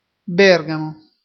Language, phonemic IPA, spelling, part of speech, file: Italian, /ˈbɛrgamo/, Bergamo, proper noun, It-Bergamo.ogg